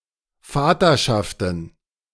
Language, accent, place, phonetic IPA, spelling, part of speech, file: German, Germany, Berlin, [ˈfaːtɐˌʃaftn̩], Vaterschaften, noun, De-Vaterschaften.ogg
- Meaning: plural of Vaterschaft